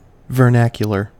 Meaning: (noun) 1. The language of a people or a national language 2. Everyday speech or dialect, including colloquialisms, as opposed to standard, literary, liturgical, or scientific idiom
- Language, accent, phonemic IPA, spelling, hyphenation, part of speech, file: English, US, /vɚˈnækjəlɚ/, vernacular, ver‧nac‧u‧lar, noun / adjective, En-us-vernacular.ogg